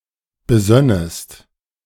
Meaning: second-person singular subjunctive II of besinnen
- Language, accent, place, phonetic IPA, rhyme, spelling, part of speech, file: German, Germany, Berlin, [bəˈzœnəst], -œnəst, besönnest, verb, De-besönnest.ogg